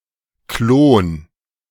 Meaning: clone
- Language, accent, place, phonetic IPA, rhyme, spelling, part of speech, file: German, Germany, Berlin, [kloːn], -oːn, Klon, noun, De-Klon.ogg